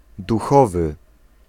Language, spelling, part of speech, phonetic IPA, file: Polish, duchowy, adjective, [duˈxɔvɨ], Pl-duchowy.ogg